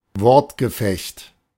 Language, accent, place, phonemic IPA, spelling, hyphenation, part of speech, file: German, Germany, Berlin, /ˈvɔʁtɡəˌfɛçt/, Wortgefecht, Wort‧ge‧fecht, noun, De-Wortgefecht.ogg
- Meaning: war of words